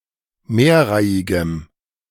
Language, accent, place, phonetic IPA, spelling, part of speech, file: German, Germany, Berlin, [ˈmeːɐ̯ˌʁaɪ̯ɪɡəm], mehrreihigem, adjective, De-mehrreihigem.ogg
- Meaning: strong dative masculine/neuter singular of mehrreihig